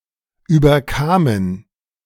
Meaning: first/third-person plural preterite of überkommen
- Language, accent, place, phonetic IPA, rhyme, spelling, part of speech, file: German, Germany, Berlin, [ˌyːbɐˈkaːmən], -aːmən, überkamen, verb, De-überkamen.ogg